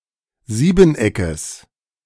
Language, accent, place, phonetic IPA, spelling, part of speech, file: German, Germany, Berlin, [ˈziːbn̩ˌʔɛkəs], Siebeneckes, noun, De-Siebeneckes.ogg
- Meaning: genitive singular of Siebeneck